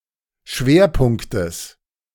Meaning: genitive singular of Schwerpunkt
- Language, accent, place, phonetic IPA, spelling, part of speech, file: German, Germany, Berlin, [ˈʃveːɐ̯ˌpʊŋktəs], Schwerpunktes, noun, De-Schwerpunktes.ogg